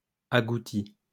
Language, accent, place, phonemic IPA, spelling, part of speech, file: French, France, Lyon, /a.ɡu.ti/, agouti, noun, LL-Q150 (fra)-agouti.wav
- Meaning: agouti (rodent)